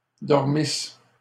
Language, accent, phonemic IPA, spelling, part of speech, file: French, Canada, /dɔʁ.mis/, dormissent, verb, LL-Q150 (fra)-dormissent.wav
- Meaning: third-person plural imperfect subjunctive of dormir